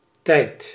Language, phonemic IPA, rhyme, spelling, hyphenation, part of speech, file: Dutch, /tɛi̯t/, -ɛi̯t, tijd, tijd, noun, Nl-tijd.ogg
- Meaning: 1. time 2. tense